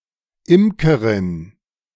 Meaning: female equivalent of Imker (“beekeeper”)
- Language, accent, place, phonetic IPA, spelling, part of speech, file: German, Germany, Berlin, [ˈɪmkəʁɪn], Imkerin, noun, De-Imkerin.ogg